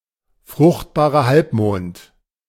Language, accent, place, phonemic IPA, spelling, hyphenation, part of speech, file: German, Germany, Berlin, /ˈfʁʊχtˌbaːʁɐ ˈhalpmoːnt/, Fruchtbarer Halbmond, Frucht‧ba‧rer Halb‧mond, proper noun, De-Fruchtbarer Halbmond.ogg